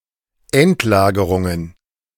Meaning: plural of Endlagerung
- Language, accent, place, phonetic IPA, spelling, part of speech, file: German, Germany, Berlin, [ˈɛntˌlaːɡəʁʊŋən], Endlagerungen, noun, De-Endlagerungen.ogg